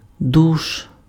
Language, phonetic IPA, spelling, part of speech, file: Ukrainian, [duʃ], душ, noun, Uk-душ.ogg
- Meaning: 1. shower (device for bathing or instance of using it) 2. douche